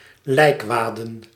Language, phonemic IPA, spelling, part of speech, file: Dutch, /ˈlɛikwadə(n)/, lijkwaden, noun, Nl-lijkwaden.ogg
- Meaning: plural of lijkwade